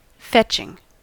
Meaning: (adjective) Attractive; pleasant to regard; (verb) present participle and gerund of fetch; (noun) The act by which something is fetched
- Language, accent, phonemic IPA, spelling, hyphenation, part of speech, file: English, US, /ˈfɛt͡ʃ.ɪŋ/, fetching, fetch‧ing, adjective / verb / noun, En-us-fetching.ogg